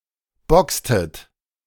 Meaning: inflection of boxen: 1. second-person plural preterite 2. second-person plural subjunctive II
- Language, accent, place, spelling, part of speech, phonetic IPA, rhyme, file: German, Germany, Berlin, boxtet, verb, [ˈbɔkstət], -ɔkstət, De-boxtet.ogg